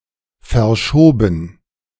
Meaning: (verb) past participle of verschieben; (adjective) postponed; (verb) first/third-person plural preterite of verschieben
- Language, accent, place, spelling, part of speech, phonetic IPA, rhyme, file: German, Germany, Berlin, verschoben, verb, [fɛɐ̯ˈʃoːbn̩], -oːbn̩, De-verschoben.ogg